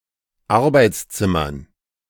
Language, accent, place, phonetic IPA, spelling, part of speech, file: German, Germany, Berlin, [ˈaʁbaɪ̯t͡sˌt͡sɪmɐn], Arbeitszimmern, noun, De-Arbeitszimmern.ogg
- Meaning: dative plural of Arbeitszimmer